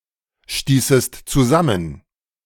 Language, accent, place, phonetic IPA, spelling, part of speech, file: German, Germany, Berlin, [ˌʃtiːsəst t͡suˈzamən], stießest zusammen, verb, De-stießest zusammen.ogg
- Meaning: second-person singular subjunctive II of zusammenstoßen